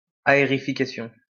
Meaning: aerification
- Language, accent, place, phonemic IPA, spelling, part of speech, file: French, France, Lyon, /a.e.ʁi.fi.ka.sjɔ̃/, aérification, noun, LL-Q150 (fra)-aérification.wav